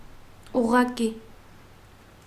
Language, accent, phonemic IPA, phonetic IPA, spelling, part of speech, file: Armenian, Eastern Armenian, /uʁʁɑˈki/, [uʁːɑkí], ուղղակի, adverb / adjective, Hy-ուղղակի.ogg
- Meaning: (adverb) 1. directly 2. simply, plainly, just; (adjective) direct, outright